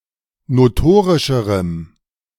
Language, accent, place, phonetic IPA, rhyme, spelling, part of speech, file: German, Germany, Berlin, [noˈtoːʁɪʃəʁəm], -oːʁɪʃəʁəm, notorischerem, adjective, De-notorischerem.ogg
- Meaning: strong dative masculine/neuter singular comparative degree of notorisch